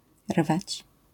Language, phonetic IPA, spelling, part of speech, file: Polish, [rvat͡ɕ], rwać, verb, LL-Q809 (pol)-rwać.wav